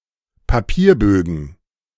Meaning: plural of Papierbogen
- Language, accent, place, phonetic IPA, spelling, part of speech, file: German, Germany, Berlin, [paˈpiːɐ̯ˌbøːɡn̩], Papierbögen, noun, De-Papierbögen.ogg